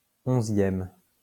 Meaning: 11th
- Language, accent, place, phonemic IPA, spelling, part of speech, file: French, France, Lyon, /ɔ̃.zjɛm/, 11e, adjective, LL-Q150 (fra)-11e.wav